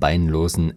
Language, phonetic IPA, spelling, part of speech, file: German, [ˈbaɪ̯nˌloːzn̩], beinlosen, adjective, De-beinlosen.ogg
- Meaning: inflection of beinlos: 1. strong genitive masculine/neuter singular 2. weak/mixed genitive/dative all-gender singular 3. strong/weak/mixed accusative masculine singular 4. strong dative plural